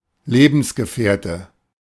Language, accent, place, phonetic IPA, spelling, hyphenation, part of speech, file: German, Germany, Berlin, [ˈleːʔm̩sɡəfəɑ̯tʰə], Lebensgefährte, Le‧bens‧ge‧fähr‧te, noun, De-Lebensgefährte.ogg
- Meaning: significant other, life partner, life companion, companion